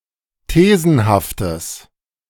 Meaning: strong/mixed nominative/accusative neuter singular of thesenhaft
- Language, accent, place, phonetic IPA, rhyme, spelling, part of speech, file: German, Germany, Berlin, [ˈteːzn̩haftəs], -eːzn̩haftəs, thesenhaftes, adjective, De-thesenhaftes.ogg